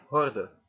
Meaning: 1. a horde 2. a troop of boy scouts, comprising no more than 24 cubs 3. hurdle (obstacle used in races) 4. a gross sieve
- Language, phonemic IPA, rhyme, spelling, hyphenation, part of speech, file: Dutch, /ˈɦɔrdə/, -ɔrdə, horde, hor‧de, noun, Nl-horde.ogg